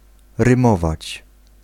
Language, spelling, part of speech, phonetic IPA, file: Polish, rymować, verb, [rɨ̃ˈmɔvat͡ɕ], Pl-rymować.ogg